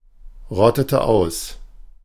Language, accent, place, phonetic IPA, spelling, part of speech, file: German, Germany, Berlin, [ˌʁɔtətə ˈaʊ̯s], rottete aus, verb, De-rottete aus.ogg
- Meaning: inflection of ausrotten: 1. first/third-person singular preterite 2. first/third-person singular subjunctive II